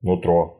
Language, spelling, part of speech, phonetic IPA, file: Russian, нутро, noun, [nʊˈtro], Ru-нутро́.ogg
- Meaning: 1. the inside, the inward nature (especially of a person), gut feeling 2. inside